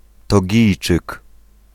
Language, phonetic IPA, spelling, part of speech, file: Polish, [tɔˈɟijt͡ʃɨk], Togijczyk, noun, Pl-Togijczyk.ogg